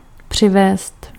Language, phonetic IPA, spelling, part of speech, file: Czech, [ˈpr̝̊ɪvɛːst], přivést, verb, Cs-přivést.ogg
- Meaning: to bring (by foot a person)